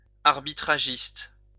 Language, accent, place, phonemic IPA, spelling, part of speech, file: French, France, Lyon, /aʁ.bi.tʁa.ʒist/, arbitragiste, noun, LL-Q150 (fra)-arbitragiste.wav
- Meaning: arbitrager